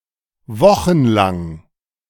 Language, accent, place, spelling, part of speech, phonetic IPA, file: German, Germany, Berlin, wochenlang, adjective, [ˈvɔxn̩ˌlaŋ], De-wochenlang.ogg
- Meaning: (adjective) lasting for weeks; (adverb) for weeks